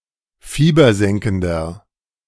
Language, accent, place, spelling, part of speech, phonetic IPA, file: German, Germany, Berlin, fiebersenkender, adjective, [ˈfiːbɐˌzɛŋkn̩dɐ], De-fiebersenkender.ogg
- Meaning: inflection of fiebersenkend: 1. strong/mixed nominative masculine singular 2. strong genitive/dative feminine singular 3. strong genitive plural